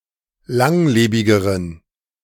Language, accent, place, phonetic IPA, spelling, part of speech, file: German, Germany, Berlin, [ˈlaŋˌleːbɪɡəʁən], langlebigeren, adjective, De-langlebigeren.ogg
- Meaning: inflection of langlebig: 1. strong genitive masculine/neuter singular comparative degree 2. weak/mixed genitive/dative all-gender singular comparative degree